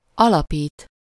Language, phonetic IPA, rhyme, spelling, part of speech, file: Hungarian, [ˈɒlɒpiːt], -iːt, alapít, verb, Hu-alapít.ogg
- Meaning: 1. to found, establish, set up, start (to start something such as an institution or organization) 2. to start (to create one's own family and household)